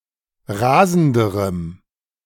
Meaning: strong dative masculine/neuter singular comparative degree of rasend
- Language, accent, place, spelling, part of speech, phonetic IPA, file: German, Germany, Berlin, rasenderem, adjective, [ˈʁaːzn̩dəʁəm], De-rasenderem.ogg